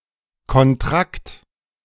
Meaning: contract
- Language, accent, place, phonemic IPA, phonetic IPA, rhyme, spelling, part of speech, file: German, Germany, Berlin, /kɔnˈtrakt/, [kɔnˈtʁakt], -akt, Kontrakt, noun, De-Kontrakt.ogg